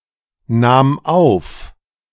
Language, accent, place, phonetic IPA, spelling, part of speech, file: German, Germany, Berlin, [ˌnaːm ˈaʊ̯f], nahm auf, verb, De-nahm auf.ogg
- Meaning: first/third-person singular preterite of aufnehmen